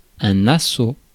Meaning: assault
- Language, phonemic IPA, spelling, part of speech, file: French, /a.so/, assaut, noun, Fr-assaut.ogg